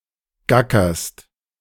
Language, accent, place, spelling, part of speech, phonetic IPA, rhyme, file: German, Germany, Berlin, gackerst, verb, [ˈɡakɐst], -akɐst, De-gackerst.ogg
- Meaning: second-person singular present of gackern